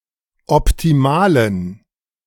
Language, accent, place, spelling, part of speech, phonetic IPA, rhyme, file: German, Germany, Berlin, optimalen, adjective, [ɔptiˈmaːlən], -aːlən, De-optimalen.ogg
- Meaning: inflection of optimal: 1. strong genitive masculine/neuter singular 2. weak/mixed genitive/dative all-gender singular 3. strong/weak/mixed accusative masculine singular 4. strong dative plural